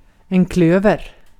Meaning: 1. clover; Trifolium 2. clubs; the card suit ♣ 3. money
- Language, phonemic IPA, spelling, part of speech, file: Swedish, /ˈkløːvɛr/, klöver, noun, Sv-klöver.ogg